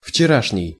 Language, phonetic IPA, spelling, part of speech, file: Russian, [ft͡ɕɪˈraʂnʲɪj], вчерашний, adjective, Ru-вчерашний.ogg
- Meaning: yesterday's